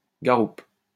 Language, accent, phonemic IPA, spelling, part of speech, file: French, France, /ɡa.ʁup/, garoupe, noun, LL-Q150 (fra)-garoupe.wav
- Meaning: 1. spurge olive (Cneorum tricoccon) 2. a type of daphne (Daphne gnidium)